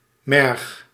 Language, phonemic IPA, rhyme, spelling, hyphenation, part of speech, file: Dutch, /mɛrx/, -ɛrx, merg, merg, noun, Nl-merg.ogg
- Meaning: marrow